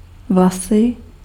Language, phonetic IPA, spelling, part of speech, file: Czech, [ˈvlasɪ], vlasy, noun, Cs-vlasy.ogg
- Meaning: 1. nominative plural of vlas 2. hair (mass of filaments growing from the skin of the head of humans)